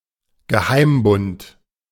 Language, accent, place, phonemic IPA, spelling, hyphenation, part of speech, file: German, Germany, Berlin, /ɡəˈhaɪ̯mˌbʊnt/, Geheimbund, Ge‧heim‧bund, noun, De-Geheimbund.ogg
- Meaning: secret society